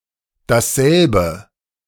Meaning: nominative/accusative singular neuter of derselbe
- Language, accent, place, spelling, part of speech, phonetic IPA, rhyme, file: German, Germany, Berlin, dasselbe, pronoun, [dasˈzɛlbə], -ɛlbə, De-dasselbe.ogg